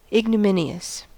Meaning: 1. Especially of a person: deserving of disgrace or dishonour; contemptible, despicable 2. Causing or marked by disgrace or dishonour; disgraceful, dishonourable; also (loosely), humiliating, shameful
- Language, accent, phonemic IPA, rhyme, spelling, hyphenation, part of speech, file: English, General American, /ɪɡ.nəˈmɪ.ni.əs/, -ɪniəs, ignominious, ig‧nom‧in‧i‧ous, adjective, En-us-ignominious.ogg